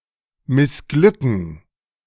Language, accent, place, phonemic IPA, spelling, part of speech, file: German, Germany, Berlin, /mɪsˈɡlʏkn̩/, missglücken, verb, De-missglücken2.ogg
- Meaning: to fail